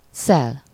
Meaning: 1. to slice, cut, carve (e.g. meat) 2. to plough, (US) plow (e.g. the water or its waves)
- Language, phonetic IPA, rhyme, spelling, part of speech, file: Hungarian, [ˈsɛl], -ɛl, szel, verb, Hu-szel.ogg